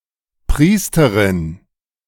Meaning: priestess (female priest); churchwoman
- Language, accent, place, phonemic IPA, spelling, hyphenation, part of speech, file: German, Germany, Berlin, /ˈpʁiːstəʁɪn/, Priesterin, Pries‧te‧rin, noun, De-Priesterin.ogg